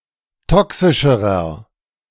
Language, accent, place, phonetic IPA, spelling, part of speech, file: German, Germany, Berlin, [ˈtɔksɪʃəʁɐ], toxischerer, adjective, De-toxischerer.ogg
- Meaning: inflection of toxisch: 1. strong/mixed nominative masculine singular comparative degree 2. strong genitive/dative feminine singular comparative degree 3. strong genitive plural comparative degree